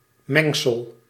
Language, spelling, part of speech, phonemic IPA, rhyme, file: Dutch, mengsel, noun, /ˈmɛŋ.səl/, -ɛŋsəl, Nl-mengsel.ogg
- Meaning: mixture